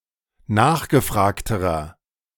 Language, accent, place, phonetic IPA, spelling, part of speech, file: German, Germany, Berlin, [ˈnaːxɡəˌfʁaːktəʁɐ], nachgefragterer, adjective, De-nachgefragterer.ogg
- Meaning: inflection of nachgefragt: 1. strong/mixed nominative masculine singular comparative degree 2. strong genitive/dative feminine singular comparative degree 3. strong genitive plural comparative degree